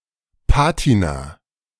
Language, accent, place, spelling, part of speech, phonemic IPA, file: German, Germany, Berlin, Patina, noun, /ˈpaːtina/, De-Patina.ogg
- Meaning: patina